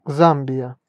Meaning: Zambia (a country in Southern Africa)
- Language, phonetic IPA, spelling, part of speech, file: Russian, [ˈzam⁽ʲ⁾bʲɪjə], Замбия, proper noun, Ru-Замбия.ogg